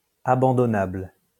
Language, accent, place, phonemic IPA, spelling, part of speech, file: French, France, Lyon, /a.bɑ̃.dɔ.nabl/, abandonnable, adjective, LL-Q150 (fra)-abandonnable.wav
- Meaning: abandonable